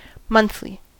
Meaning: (adjective) Occurring every month; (adverb) Every month; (noun) 1. A publication that is published once a month 2. The menstrual period
- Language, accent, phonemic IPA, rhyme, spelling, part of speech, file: English, US, /ˈmʌnθli/, -ʌnθli, monthly, adjective / adverb / noun, En-us-monthly.ogg